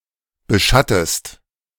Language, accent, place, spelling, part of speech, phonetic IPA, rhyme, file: German, Germany, Berlin, beschattest, verb, [bəˈʃatəst], -atəst, De-beschattest.ogg
- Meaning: inflection of beschatten: 1. second-person singular present 2. second-person singular subjunctive I